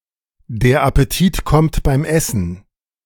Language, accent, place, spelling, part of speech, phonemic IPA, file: German, Germany, Berlin, der Appetit kommt beim Essen, phrase, /deːɐ̯ ʔapəˈtiːt kɔmt baɪm ˈʔɛsn̩/, De-der Appetit kommt beim Essen.ogg
- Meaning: appetite comes with eating